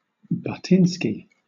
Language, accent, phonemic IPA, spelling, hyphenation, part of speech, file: English, Southern England, /bʌˈtɪnski/, buttinsky, butt‧in‧sky, noun, LL-Q1860 (eng)-buttinsky.wav
- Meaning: One who is prone to butt in, interrupt, or get involved where they are not welcome; a busybody